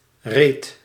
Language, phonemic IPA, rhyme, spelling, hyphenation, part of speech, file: Dutch, /reːt/, -eːt, reet, reet, noun / verb, Nl-reet.ogg
- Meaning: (noun) 1. a ripped-up spot, tear; cleft, crack, crevice 2. the butt crack, arse, anus 3. the butt, behind 4. (in geen reet nothing at all) nothing; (verb) singular past indicative of rijten